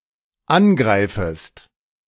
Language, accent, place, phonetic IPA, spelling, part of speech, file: German, Germany, Berlin, [ˈanˌɡʁaɪ̯fəst], angreifest, verb, De-angreifest.ogg
- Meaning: second-person singular dependent subjunctive I of angreifen